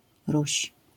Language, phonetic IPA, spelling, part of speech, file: Polish, [ruɕ], Ruś, proper noun, LL-Q809 (pol)-Ruś.wav